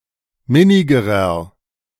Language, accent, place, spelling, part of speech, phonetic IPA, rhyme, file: German, Germany, Berlin, minnigerer, adjective, [ˈmɪnɪɡəʁɐ], -ɪnɪɡəʁɐ, De-minnigerer.ogg
- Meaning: inflection of minnig: 1. strong/mixed nominative masculine singular comparative degree 2. strong genitive/dative feminine singular comparative degree 3. strong genitive plural comparative degree